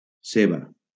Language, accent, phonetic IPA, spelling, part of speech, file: Catalan, Valencia, [ˈse.ba], ceba, noun, LL-Q7026 (cat)-ceba.wav
- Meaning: 1. onion 2. bulb 3. obsession, mania